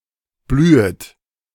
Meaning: second-person plural subjunctive I of blühen
- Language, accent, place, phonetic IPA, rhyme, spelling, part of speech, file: German, Germany, Berlin, [ˈblyːət], -yːət, blühet, verb, De-blühet.ogg